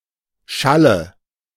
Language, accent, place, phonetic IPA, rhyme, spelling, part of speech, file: German, Germany, Berlin, [ˈʃalə], -alə, Schalle, noun, De-Schalle.ogg
- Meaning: nominative/accusative/genitive plural of Schall